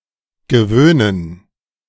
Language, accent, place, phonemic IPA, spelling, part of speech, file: German, Germany, Berlin, /ɡəˈvøːnən/, gewöhnen, verb, De-gewöhnen.ogg
- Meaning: 1. to accustom, inure, make accustomed 2. to get used (to), accustom oneself, become accustomed